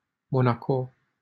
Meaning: Monaco (a city-state in Western Europe)
- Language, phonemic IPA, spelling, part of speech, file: Romanian, /mo.naˈko/, Monaco, proper noun, LL-Q7913 (ron)-Monaco.wav